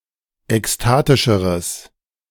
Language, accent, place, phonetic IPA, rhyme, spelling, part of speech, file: German, Germany, Berlin, [ɛksˈtaːtɪʃəʁəs], -aːtɪʃəʁəs, ekstatischeres, adjective, De-ekstatischeres.ogg
- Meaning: strong/mixed nominative/accusative neuter singular comparative degree of ekstatisch